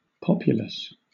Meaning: 1. The common people of a nation 2. The inhabitants of a country or one of its administrative divisions (such as a state, province, or county)
- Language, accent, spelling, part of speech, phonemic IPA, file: English, Southern England, populace, noun, /ˈpɒpjʊləs/, LL-Q1860 (eng)-populace.wav